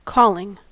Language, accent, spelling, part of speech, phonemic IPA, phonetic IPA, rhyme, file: English, US, calling, verb / noun, /ˈkɔlɪŋ/, [kʰɔlɪŋ], -ɔːlɪŋ, En-us-calling.ogg
- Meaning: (verb) present participle and gerund of call; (noun) A strong urge (to do some particular thing with or in one's life, for example to become religious, to help the poor, or to be an entertainer)